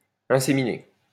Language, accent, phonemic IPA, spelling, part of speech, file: French, France, /ɛ̃.se.mi.ne/, inséminer, verb, LL-Q150 (fra)-inséminer.wav
- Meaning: 1. to inseminate 2. to impregnate